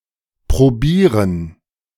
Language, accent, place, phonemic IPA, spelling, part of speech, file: German, Germany, Berlin, /pʁoˈbiːʁən/, probieren, verb, De-probieren.ogg
- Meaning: 1. to try 2. to taste 3. to sample